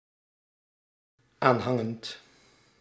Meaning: present participle of aanhangen
- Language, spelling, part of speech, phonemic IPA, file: Dutch, aanhangend, verb, /ˈanhaŋənt/, Nl-aanhangend.ogg